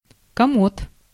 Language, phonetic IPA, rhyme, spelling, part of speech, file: Russian, [kɐˈmot], -ot, комод, noun, Ru-комод.ogg
- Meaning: chest of drawers, bureau, dresser, commode